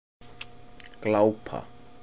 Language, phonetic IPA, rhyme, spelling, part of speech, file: Icelandic, [ˈklauːpa], -auːpa, glápa, verb, Is-glápa.oga
- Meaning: to stare